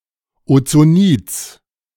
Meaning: genitive singular of Ozonid
- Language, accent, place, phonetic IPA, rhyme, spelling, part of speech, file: German, Germany, Berlin, [ot͡soˈniːt͡s], -iːt͡s, Ozonids, noun, De-Ozonids.ogg